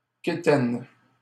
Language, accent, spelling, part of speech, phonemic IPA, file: French, Canada, quétaine, adjective / noun, /ke.tɛn/, LL-Q150 (fra)-quétaine.wav
- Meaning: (adjective) unfashionable; outmoded; dated; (noun) someone unrefined or ignorant